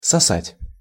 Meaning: 1. to suck 2. to perform fellatio
- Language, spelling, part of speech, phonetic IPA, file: Russian, сосать, verb, [sɐˈsatʲ], Ru-сосать.ogg